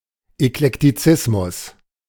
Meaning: eclecticism
- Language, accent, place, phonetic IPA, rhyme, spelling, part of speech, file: German, Germany, Berlin, [ɛklɛktiˈt͡sɪsmʊs], -ɪsmʊs, Eklektizismus, noun, De-Eklektizismus.ogg